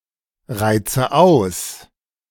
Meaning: inflection of ausreizen: 1. first-person singular present 2. first/third-person singular subjunctive I 3. singular imperative
- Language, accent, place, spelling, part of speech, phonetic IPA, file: German, Germany, Berlin, reize aus, verb, [ˌʁaɪ̯t͡sə ˈaʊ̯s], De-reize aus.ogg